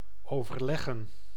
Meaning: to talk over, discuss
- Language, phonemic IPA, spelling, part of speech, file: Dutch, /ˌoːvərˈlɛɣə(n)/, overleggen, verb, Nl-overleggen.ogg